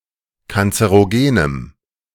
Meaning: strong dative masculine/neuter singular of kanzerogen
- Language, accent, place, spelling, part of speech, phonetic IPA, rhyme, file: German, Germany, Berlin, kanzerogenem, adjective, [kant͡səʁoˈɡeːnəm], -eːnəm, De-kanzerogenem.ogg